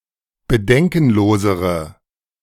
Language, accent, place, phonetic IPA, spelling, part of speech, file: German, Germany, Berlin, [bəˈdɛŋkn̩ˌloːzəʁə], bedenkenlosere, adjective, De-bedenkenlosere.ogg
- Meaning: inflection of bedenkenlos: 1. strong/mixed nominative/accusative feminine singular comparative degree 2. strong nominative/accusative plural comparative degree